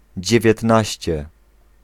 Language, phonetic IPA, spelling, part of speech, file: Polish, [ˌd͡ʑɛvʲjɛtˈnaɕt͡ɕɛ], dziewiętnaście, adjective, Pl-dziewiętnaście.ogg